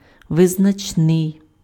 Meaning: notable, noteworthy, prominent, remarkable (worthy of note due to positive features or importance)
- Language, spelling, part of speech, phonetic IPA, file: Ukrainian, визначний, adjective, [ʋeznɐt͡ʃˈnɪi̯], Uk-визначний.ogg